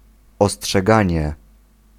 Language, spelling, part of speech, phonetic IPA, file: Polish, ostrzeganie, noun, [ˌɔsṭʃɛˈɡãɲɛ], Pl-ostrzeganie.ogg